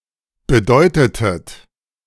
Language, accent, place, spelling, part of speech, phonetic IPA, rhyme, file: German, Germany, Berlin, bedeutetet, verb, [bəˈdɔɪ̯tətət], -ɔɪ̯tətət, De-bedeutetet.ogg
- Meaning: inflection of bedeuten: 1. second-person plural preterite 2. second-person plural subjunctive II